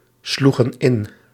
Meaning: inflection of inslaan: 1. plural past indicative 2. plural past subjunctive
- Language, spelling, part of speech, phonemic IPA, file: Dutch, sloegen in, verb, /ˈsluɣə(n) ˈɪn/, Nl-sloegen in.ogg